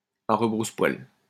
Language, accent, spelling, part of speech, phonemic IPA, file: French, France, à rebrousse-poil, adverb, /a ʁə.bʁus.pwal/, LL-Q150 (fra)-à rebrousse-poil.wav
- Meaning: the wrong way, against the grain